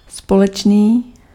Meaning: 1. common (shared) 2. joint
- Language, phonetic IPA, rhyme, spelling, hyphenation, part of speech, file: Czech, [ˈspolɛt͡ʃniː], -ɛtʃniː, společný, spo‧leč‧ný, adjective, Cs-společný.ogg